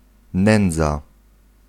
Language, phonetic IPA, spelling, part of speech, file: Polish, [ˈnɛ̃nd͡za], nędza, noun, Pl-nędza.ogg